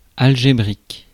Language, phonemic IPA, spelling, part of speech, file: French, /al.ʒe.bʁik/, algébrique, adjective, Fr-algébrique.ogg
- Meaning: algebra, algebraic